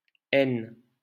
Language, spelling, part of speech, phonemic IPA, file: French, n, character, /ɛn/, LL-Q150 (fra)-n.wav
- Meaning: The fourteenth letter of the French alphabet, written in the Latin script